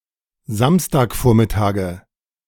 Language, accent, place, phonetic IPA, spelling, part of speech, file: German, Germany, Berlin, [ˈzamstaːkˌfoːɐ̯mɪtaːɡə], Samstagvormittage, noun, De-Samstagvormittage.ogg
- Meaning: nominative/accusative/genitive plural of Samstagvormittag